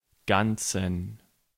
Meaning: inflection of ganz: 1. strong genitive masculine/neuter singular 2. weak/mixed genitive/dative all-gender singular 3. strong/weak/mixed accusative masculine singular 4. strong dative plural
- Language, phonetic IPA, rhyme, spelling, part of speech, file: German, [ˈɡant͡sn̩], -ant͡sn̩, ganzen, adjective, De-ganzen.ogg